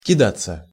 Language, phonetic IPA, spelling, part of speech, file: Russian, [kʲɪˈdat͡sːə], кидаться, verb, Ru-кидаться.ogg
- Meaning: 1. to throw oneself, to fling oneself 2. to dash, to rush 3. passive of кида́ть (kidátʹ)